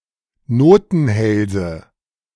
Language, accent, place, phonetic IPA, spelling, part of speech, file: German, Germany, Berlin, [ˈnoːtn̩ˌhɛlzə], Notenhälse, noun, De-Notenhälse.ogg
- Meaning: nominative/accusative/genitive plural of Notenhals